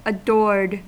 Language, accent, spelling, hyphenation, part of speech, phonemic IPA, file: English, US, adored, adored, verb, /əˈdɔɹd/, En-us-adored.ogg
- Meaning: simple past and past participle of adore